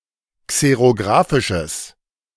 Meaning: strong/mixed nominative/accusative neuter singular of xerographisch
- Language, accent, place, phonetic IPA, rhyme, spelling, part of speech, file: German, Germany, Berlin, [ˌkseʁoˈɡʁaːfɪʃəs], -aːfɪʃəs, xerographisches, adjective, De-xerographisches.ogg